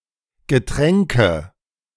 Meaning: nominative/accusative/genitive plural of Getränk
- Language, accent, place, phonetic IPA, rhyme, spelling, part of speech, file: German, Germany, Berlin, [ɡəˈtʁɛŋkə], -ɛŋkə, Getränke, noun, De-Getränke.ogg